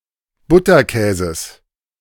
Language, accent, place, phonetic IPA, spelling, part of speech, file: German, Germany, Berlin, [ˈbʊtɐˌkɛːzəs], Butterkäses, noun, De-Butterkäses.ogg
- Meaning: genitive singular of Butterkäse